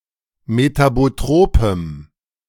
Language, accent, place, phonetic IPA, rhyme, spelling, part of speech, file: German, Germany, Berlin, [metaboˈtʁoːpəm], -oːpəm, metabotropem, adjective, De-metabotropem.ogg
- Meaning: strong dative masculine/neuter singular of metabotrop